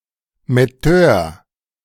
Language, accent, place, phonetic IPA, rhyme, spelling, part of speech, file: German, Germany, Berlin, [mɛˈtøːɐ̯], -øːɐ̯, Metteur, noun, De-Metteur.ogg
- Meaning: typesetter